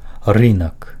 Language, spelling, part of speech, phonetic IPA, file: Belarusian, рынак, noun, [ˈrɨnak], Be-рынак.ogg
- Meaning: 1. marketplace 2. market